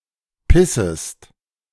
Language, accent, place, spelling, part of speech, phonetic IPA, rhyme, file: German, Germany, Berlin, pissest, verb, [ˈpɪsəst], -ɪsəst, De-pissest.ogg
- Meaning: second-person singular subjunctive I of pissen